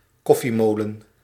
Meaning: a coffee grinder
- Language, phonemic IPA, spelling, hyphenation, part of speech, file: Dutch, /ˈkɔ.fiˌmoː.lə(n)/, koffiemolen, kof‧fie‧mo‧len, noun, Nl-koffiemolen.ogg